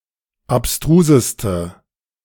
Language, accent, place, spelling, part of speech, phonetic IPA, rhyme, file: German, Germany, Berlin, abstruseste, adjective, [apˈstʁuːzəstə], -uːzəstə, De-abstruseste.ogg
- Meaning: inflection of abstrus: 1. strong/mixed nominative/accusative feminine singular superlative degree 2. strong nominative/accusative plural superlative degree